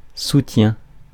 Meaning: 1. support (physical) 2. support (psychological/emotional) 3. ellipsis of soutien-gorge
- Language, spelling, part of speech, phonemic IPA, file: French, soutien, noun, /su.tjɛ̃/, Fr-soutien.ogg